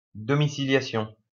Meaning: 1. domiciliation 2. standing order
- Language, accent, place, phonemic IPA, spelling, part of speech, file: French, France, Lyon, /dɔ.mi.si.lja.sjɔ̃/, domiciliation, noun, LL-Q150 (fra)-domiciliation.wav